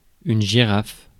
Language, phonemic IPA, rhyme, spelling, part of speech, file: French, /ʒi.ʁaf/, -af, girafe, noun, Fr-girafe.ogg
- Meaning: 1. giraffe (mammal) 2. boom (a movable pole used to support a microphone or camera)